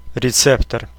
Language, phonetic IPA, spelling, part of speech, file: Russian, [rʲɪˈt͡sɛptər], рецептор, noun, Ru-рецептор.ogg
- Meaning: receptor